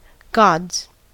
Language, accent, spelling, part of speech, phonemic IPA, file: English, US, gods, noun / interjection / verb, /ɡɑdz/, En-us-gods.ogg
- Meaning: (noun) plural of god; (interjection) Ellipsis of oh gods; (noun) 1. The highest platform, or upper circle, in an auditorium 2. The occupants of the gallery of a theatre